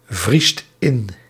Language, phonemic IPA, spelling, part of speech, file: Dutch, /ˈvrist ˈɪn/, vriest in, verb, Nl-vriest in.ogg
- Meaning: inflection of invriezen: 1. second/third-person singular present indicative 2. plural imperative